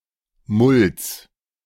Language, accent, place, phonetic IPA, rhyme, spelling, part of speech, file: German, Germany, Berlin, [mʊls], -ʊls, Mulls, noun, De-Mulls.ogg
- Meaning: genitive singular of Mull